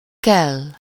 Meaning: 1. must, need to, have to 2. to be needed
- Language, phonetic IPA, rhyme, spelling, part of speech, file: Hungarian, [ˈkɛlː], -ɛlː, kell, verb, Hu-kell.ogg